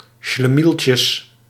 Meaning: plural of schlemieltje
- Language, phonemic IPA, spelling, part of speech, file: Dutch, /ʃləˈmilcəs/, schlemieltjes, noun, Nl-schlemieltjes.ogg